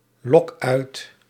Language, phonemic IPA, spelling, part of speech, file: Dutch, /ˈlɔk ˈœyt/, lok uit, verb, Nl-lok uit.ogg
- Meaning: inflection of uitlokken: 1. first-person singular present indicative 2. second-person singular present indicative 3. imperative